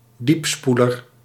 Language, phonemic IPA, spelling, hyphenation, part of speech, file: Dutch, /ˈdipˌspu.lər/, diepspoeler, diep‧spoe‧ler, noun, Nl-diepspoeler.ogg
- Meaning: plateau-less toilet